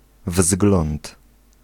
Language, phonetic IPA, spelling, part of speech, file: Polish, [vzɡlɔ̃nt], wzgląd, noun, Pl-wzgląd.ogg